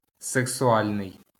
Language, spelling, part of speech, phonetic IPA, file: Ukrainian, сексуальний, adjective, [seksʊˈalʲnei̯], LL-Q8798 (ukr)-сексуальний.wav
- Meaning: 1. sexual 2. sexy